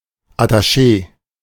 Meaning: attaché
- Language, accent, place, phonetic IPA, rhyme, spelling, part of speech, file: German, Germany, Berlin, [ataˈʃeː], -eː, Attaché, noun, De-Attaché.ogg